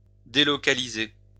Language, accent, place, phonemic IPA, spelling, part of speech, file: French, France, Lyon, /de.lɔ.ka.li.ze/, délocaliser, verb, LL-Q150 (fra)-délocaliser.wav
- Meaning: 1. to offshore (moving an industrial production from one region to another or from one country to another, usually seeking lower business costs, like labor) 2. to delocalize